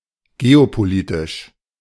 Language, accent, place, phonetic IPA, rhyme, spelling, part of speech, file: German, Germany, Berlin, [ɡeopoˈliːtɪʃ], -iːtɪʃ, geopolitisch, adjective, De-geopolitisch.ogg
- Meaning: geopolitical